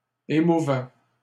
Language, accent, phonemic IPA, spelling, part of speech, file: French, Canada, /e.mu.vɛ/, émouvaient, verb, LL-Q150 (fra)-émouvaient.wav
- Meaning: third-person plural imperfect indicative of émouvoir